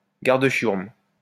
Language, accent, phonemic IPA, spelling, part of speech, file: French, France, /ɡaʁ.d(ə).ʃjuʁm/, garde-chiourme, noun, LL-Q150 (fra)-garde-chiourme.wav
- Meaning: prison guard